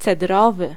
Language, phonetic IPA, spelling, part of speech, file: Polish, [t͡sɛˈdrɔvɨ], cedrowy, adjective, Pl-cedrowy.ogg